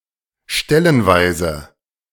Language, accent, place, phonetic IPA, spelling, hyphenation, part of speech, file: German, Germany, Berlin, [ˈʃtɛlənˌvaɪ̯zə], stellenweise, stel‧len‧weise, adverb, De-stellenweise.ogg
- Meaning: in some spots, in some places